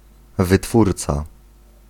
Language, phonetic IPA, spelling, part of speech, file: Polish, [vɨˈtfurt͡sa], wytwórca, noun, Pl-wytwórca.ogg